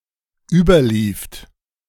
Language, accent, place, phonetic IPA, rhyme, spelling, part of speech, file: German, Germany, Berlin, [ˈyːbɐˌliːft], -yːbɐliːft, überlieft, verb, De-überlieft.ogg
- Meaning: second-person plural dependent preterite of überlaufen